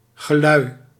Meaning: the ringing of bells
- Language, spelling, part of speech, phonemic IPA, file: Dutch, gelui, noun, /ɣəˈlœy/, Nl-gelui.ogg